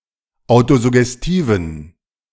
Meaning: inflection of autosuggestiv: 1. strong genitive masculine/neuter singular 2. weak/mixed genitive/dative all-gender singular 3. strong/weak/mixed accusative masculine singular 4. strong dative plural
- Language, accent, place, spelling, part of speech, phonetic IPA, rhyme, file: German, Germany, Berlin, autosuggestiven, adjective, [ˌaʊ̯tozʊɡɛsˈtiːvn̩], -iːvn̩, De-autosuggestiven.ogg